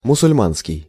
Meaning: Muslim
- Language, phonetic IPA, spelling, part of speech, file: Russian, [mʊsʊlʲˈmanskʲɪj], мусульманский, adjective, Ru-мусульманский.ogg